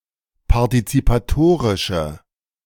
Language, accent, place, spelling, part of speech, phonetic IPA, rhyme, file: German, Germany, Berlin, partizipatorische, adjective, [paʁtit͡sipaˈtoːʁɪʃə], -oːʁɪʃə, De-partizipatorische.ogg
- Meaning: inflection of partizipatorisch: 1. strong/mixed nominative/accusative feminine singular 2. strong nominative/accusative plural 3. weak nominative all-gender singular